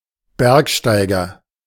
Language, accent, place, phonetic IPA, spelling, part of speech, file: German, Germany, Berlin, [ˈbɛʁkˌʃtaɪ̯ɡɐ], Bergsteiger, noun, De-Bergsteiger.ogg
- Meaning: mountaineer, mountain climber, climber